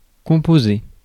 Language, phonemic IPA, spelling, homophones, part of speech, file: French, /kɔ̃.po.ze/, composer, composai / composé / composée / composées / composés / composez, verb, Fr-composer.ogg
- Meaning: 1. to compose 2. to compose (to produce or create a musical work) 3. to constitute, to make up 4. to dial (a number) 5. to come to terms, to come to a compromise (on), to compromise